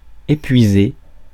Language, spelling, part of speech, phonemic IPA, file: French, épuiser, verb, /e.pɥi.ze/, Fr-épuiser.ogg
- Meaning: 1. to dry up 2. to squeeze out 3. to exhaust, to wear out